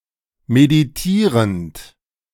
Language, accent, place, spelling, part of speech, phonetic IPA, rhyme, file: German, Germany, Berlin, meditierend, verb, [mediˈtiːʁənt], -iːʁənt, De-meditierend.ogg
- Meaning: present participle of meditieren